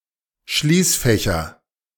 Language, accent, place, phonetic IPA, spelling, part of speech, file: German, Germany, Berlin, [ˈʃliːsˌfɛçɐ], Schließfächer, noun, De-Schließfächer.ogg
- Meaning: nominative/accusative/genitive plural of Schließfach